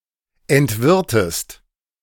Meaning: inflection of entwirren: 1. second-person singular preterite 2. second-person singular subjunctive II
- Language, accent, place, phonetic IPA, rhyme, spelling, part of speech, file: German, Germany, Berlin, [ɛntˈvɪʁtəst], -ɪʁtəst, entwirrtest, verb, De-entwirrtest.ogg